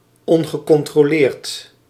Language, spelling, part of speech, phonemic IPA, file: Dutch, ongecontroleerd, adjective, /ˌɔŋɣəˌkɔntroˈlert/, Nl-ongecontroleerd.ogg
- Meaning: uncontrolled